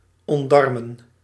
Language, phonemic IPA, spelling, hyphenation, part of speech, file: Dutch, /ˌɔntˈdɑr.mə(n)/, ontdarmen, ont‧dar‧men, verb, Nl-ontdarmen.ogg
- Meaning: to disembowel